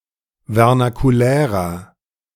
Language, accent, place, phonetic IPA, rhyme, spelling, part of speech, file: German, Germany, Berlin, [vɛʁnakuˈlɛːʁɐ], -ɛːʁɐ, vernakulärer, adjective, De-vernakulärer.ogg
- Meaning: inflection of vernakulär: 1. strong/mixed nominative masculine singular 2. strong genitive/dative feminine singular 3. strong genitive plural